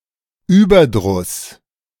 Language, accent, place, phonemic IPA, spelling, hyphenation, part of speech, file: German, Germany, Berlin, /ˈyːbɐˌdʁʊs/, Überdruss, Über‧druss, noun, De-Überdruss.ogg
- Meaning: weariness